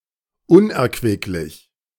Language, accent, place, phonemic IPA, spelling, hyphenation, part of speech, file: German, Germany, Berlin, /ˈʊnʔɛɐ̯kvɪklɪç/, unerquicklich, un‧er‧quick‧lich, adjective, De-unerquicklich.ogg
- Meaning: 1. unedifying 2. unproductive, fruitless 3. unpleasant